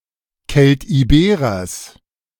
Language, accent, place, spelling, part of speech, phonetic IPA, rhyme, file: German, Germany, Berlin, Keltiberers, noun, [kɛltʔiˈbeːʁɐs], -eːʁɐs, De-Keltiberers.ogg
- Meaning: genitive singular of Keltiberer